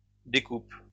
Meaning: second-person singular present indicative/subjunctive of découper
- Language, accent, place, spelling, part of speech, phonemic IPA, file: French, France, Lyon, découpes, verb, /de.kup/, LL-Q150 (fra)-découpes.wav